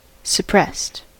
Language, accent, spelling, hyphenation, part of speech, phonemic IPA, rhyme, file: English, US, suppressed, sup‧pressed, adjective / verb, /səˈpɹɛst/, -ɛst, En-us-suppressed.ogg
- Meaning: simple past and past participle of suppress